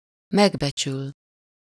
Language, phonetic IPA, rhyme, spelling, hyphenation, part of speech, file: Hungarian, [ˈmɛɡbɛt͡ʃyl], -yl, megbecsül, meg‧be‧csül, verb, Hu-megbecsül.ogg
- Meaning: 1. to esteem, appreciate, value (to highly prize someone or something) 2. to assess, appraise, estimate (to determine the monetary value of something)